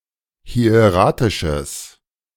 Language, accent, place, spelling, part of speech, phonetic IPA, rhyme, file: German, Germany, Berlin, hieratisches, adjective, [hi̯eˈʁaːtɪʃəs], -aːtɪʃəs, De-hieratisches.ogg
- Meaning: strong/mixed nominative/accusative neuter singular of hieratisch